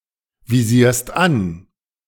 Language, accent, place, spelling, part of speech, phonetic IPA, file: German, Germany, Berlin, visierst an, verb, [viˌziːɐ̯st ˈan], De-visierst an.ogg
- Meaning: second-person singular present of anvisieren